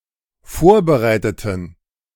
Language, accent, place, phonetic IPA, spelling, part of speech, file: German, Germany, Berlin, [ˈfoːɐ̯bəˌʁaɪ̯tətn̩], vorbereiteten, adjective / verb, De-vorbereiteten.ogg
- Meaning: inflection of vorbereiten: 1. first/third-person plural dependent preterite 2. first/third-person plural dependent subjunctive II